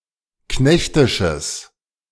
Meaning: strong/mixed nominative/accusative neuter singular of knechtisch
- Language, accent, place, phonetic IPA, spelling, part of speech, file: German, Germany, Berlin, [ˈknɛçtɪʃəs], knechtisches, adjective, De-knechtisches.ogg